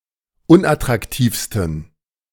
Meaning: 1. superlative degree of unattraktiv 2. inflection of unattraktiv: strong genitive masculine/neuter singular superlative degree
- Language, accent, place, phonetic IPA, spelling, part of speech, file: German, Germany, Berlin, [ˈʊnʔatʁakˌtiːfstn̩], unattraktivsten, adjective, De-unattraktivsten.ogg